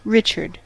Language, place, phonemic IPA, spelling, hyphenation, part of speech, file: English, California, /ˈɹɪt͡ʃ.ɚd/, Richard, Rich‧ard, proper noun / noun, En-us-Richard.ogg
- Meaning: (proper noun) 1. A male given name from the Germanic languages 2. A surname originating as a patronymic; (noun) A turd